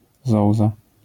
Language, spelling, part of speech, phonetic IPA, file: Polish, zołza, noun, [ˈzɔwza], LL-Q809 (pol)-zołza.wav